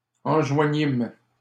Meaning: first-person plural past historic of enjoindre
- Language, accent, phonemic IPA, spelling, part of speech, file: French, Canada, /ɑ̃.ʒwa.ɲim/, enjoignîmes, verb, LL-Q150 (fra)-enjoignîmes.wav